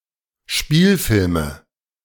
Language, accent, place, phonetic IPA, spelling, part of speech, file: German, Germany, Berlin, [ˈʃpiːlfɪlmə], Spielfilme, noun, De-Spielfilme.ogg
- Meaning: nominative/accusative/genitive plural of Spielfilm